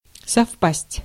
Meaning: 1. to coincide 2. to concur 3. to match, to agree
- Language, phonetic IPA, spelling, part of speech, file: Russian, [sɐfˈpasʲtʲ], совпасть, verb, Ru-совпасть.ogg